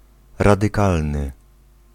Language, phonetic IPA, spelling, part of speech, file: Polish, [ˌradɨˈkalnɨ], radykalny, adjective, Pl-radykalny.ogg